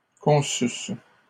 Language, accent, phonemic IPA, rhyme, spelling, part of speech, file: French, Canada, /kɔ̃.sys/, -ys, conçussent, verb, LL-Q150 (fra)-conçussent.wav
- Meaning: third-person plural imperfect subjunctive of concevoir